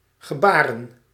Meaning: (verb) 1. to gesture, to point, to gesticulate 2. to sign (to use sign language); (noun) plural of gebaar
- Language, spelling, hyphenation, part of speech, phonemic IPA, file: Dutch, gebaren, ge‧ba‧ren, verb / noun, /ɣəˈbaːrə(n)/, Nl-gebaren.ogg